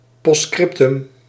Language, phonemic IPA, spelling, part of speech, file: Dutch, /ˌpɔstˈskrɪp.tʏm/, postscriptum, noun, Nl-postscriptum.ogg
- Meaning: post scriptum